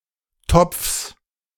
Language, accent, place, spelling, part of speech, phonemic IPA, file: German, Germany, Berlin, Topfs, noun, /tɔpfs/, De-Topfs.ogg
- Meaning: genitive singular of Topf